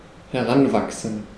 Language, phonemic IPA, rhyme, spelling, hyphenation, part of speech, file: German, /hɛˈʁanˌvaksn̩/, -anvaksn̩, heranwachsen, he‧r‧an‧wach‧sen, verb, De-heranwachsen.ogg
- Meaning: to grow up